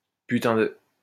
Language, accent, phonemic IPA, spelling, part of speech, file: French, France, /py.tɛ̃ də/, putain de, adjective, LL-Q150 (fra)-putain de.wav
- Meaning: fucking (as an intensifier)